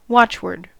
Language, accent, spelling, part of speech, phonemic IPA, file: English, US, watchword, noun, /ˈwɒt͡ʃwɜː(ɹ)d/, En-us-watchword.ogg
- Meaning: A word used as a motto, as expressive of a principle, belief, or rule of action; a rallying cry